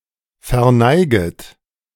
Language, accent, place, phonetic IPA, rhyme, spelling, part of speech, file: German, Germany, Berlin, [fɛɐ̯ˈnaɪ̯ɡət], -aɪ̯ɡət, verneiget, verb, De-verneiget.ogg
- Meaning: second-person plural subjunctive I of verneigen